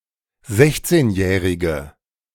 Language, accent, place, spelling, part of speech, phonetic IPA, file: German, Germany, Berlin, sechzehnjährige, adjective, [ˈzɛçt͡seːnˌjɛːʁɪɡə], De-sechzehnjährige.ogg
- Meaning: inflection of sechzehnjährig: 1. strong/mixed nominative/accusative feminine singular 2. strong nominative/accusative plural 3. weak nominative all-gender singular